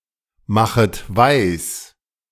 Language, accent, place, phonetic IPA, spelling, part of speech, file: German, Germany, Berlin, [ˌmaxət ˈvaɪ̯s], machet weis, verb, De-machet weis.ogg
- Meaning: second-person plural subjunctive I of weismachen